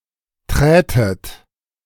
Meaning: second-person plural subjunctive II of treten
- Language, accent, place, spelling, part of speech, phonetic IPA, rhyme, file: German, Germany, Berlin, trätet, verb, [ˈtʁɛːtət], -ɛːtət, De-trätet.ogg